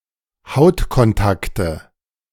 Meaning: nominative/accusative/genitive plural of Hautkontakt
- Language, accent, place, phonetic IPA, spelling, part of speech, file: German, Germany, Berlin, [ˈhaʊ̯tkɔnˌtaktə], Hautkontakte, noun, De-Hautkontakte.ogg